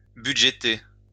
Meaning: to budget
- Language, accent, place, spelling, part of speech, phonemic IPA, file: French, France, Lyon, budgéter, verb, /by.dʒe.te/, LL-Q150 (fra)-budgéter.wav